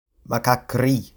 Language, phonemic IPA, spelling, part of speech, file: French, /ma.ka.kʁi/, macaquerie, noun, Frc-macaquerie.oga
- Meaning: foolishness, monkey business